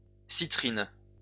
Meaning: citrine
- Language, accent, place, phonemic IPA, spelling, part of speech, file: French, France, Lyon, /si.tʁin/, citrine, noun, LL-Q150 (fra)-citrine.wav